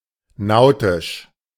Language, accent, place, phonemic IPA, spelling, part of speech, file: German, Germany, Berlin, /ˈnaʊ̯tɪʃ/, nautisch, adjective, De-nautisch.ogg
- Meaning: nautical